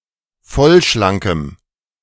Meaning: strong dative masculine/neuter singular of vollschlank
- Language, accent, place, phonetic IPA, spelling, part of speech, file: German, Germany, Berlin, [ˈfɔlʃlaŋkəm], vollschlankem, adjective, De-vollschlankem.ogg